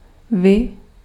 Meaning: 1. you (personal second person plural) 2. you (formal second person singular)
- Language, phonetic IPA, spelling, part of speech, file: Czech, [ˈvɪ], vy, pronoun, Cs-vy.ogg